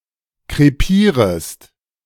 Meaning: second-person singular subjunctive I of krepieren
- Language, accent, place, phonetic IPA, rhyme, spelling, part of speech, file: German, Germany, Berlin, [kʁeˈpiːʁəst], -iːʁəst, krepierest, verb, De-krepierest.ogg